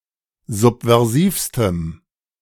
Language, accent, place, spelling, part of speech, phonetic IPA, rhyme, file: German, Germany, Berlin, subversivstem, adjective, [ˌzupvɛʁˈziːfstəm], -iːfstəm, De-subversivstem.ogg
- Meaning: strong dative masculine/neuter singular superlative degree of subversiv